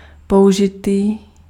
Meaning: 1. used 2. used (that has or have previously been owned by someone else)
- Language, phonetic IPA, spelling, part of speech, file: Czech, [ˈpou̯ʒɪtiː], použitý, adjective, Cs-použitý.ogg